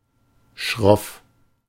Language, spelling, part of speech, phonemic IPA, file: German, schroff, adjective, /ʃʁɔf/, De-schroff.ogg
- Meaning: 1. steep 2. gruff, bluff, harsh, rugged, brusque